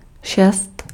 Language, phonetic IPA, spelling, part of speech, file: Czech, [ˈʃɛst], šest, numeral, Cs-šest.ogg
- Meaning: six